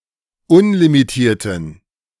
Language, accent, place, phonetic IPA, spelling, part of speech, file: German, Germany, Berlin, [ˈʊnlimiˌtiːɐ̯tn̩], unlimitierten, adjective, De-unlimitierten.ogg
- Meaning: inflection of unlimitiert: 1. strong genitive masculine/neuter singular 2. weak/mixed genitive/dative all-gender singular 3. strong/weak/mixed accusative masculine singular 4. strong dative plural